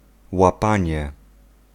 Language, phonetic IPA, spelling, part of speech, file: Polish, [waˈpãɲɛ], łapanie, noun, Pl-łapanie.ogg